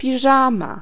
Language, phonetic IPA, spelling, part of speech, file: Polish, [pʲiˈʒãma], piżama, noun, Pl-piżama.ogg